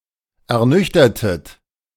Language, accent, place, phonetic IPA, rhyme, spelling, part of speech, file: German, Germany, Berlin, [ɛɐ̯ˈnʏçtɐtət], -ʏçtɐtət, ernüchtertet, verb, De-ernüchtertet.ogg
- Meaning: inflection of ernüchtern: 1. second-person plural preterite 2. second-person plural subjunctive II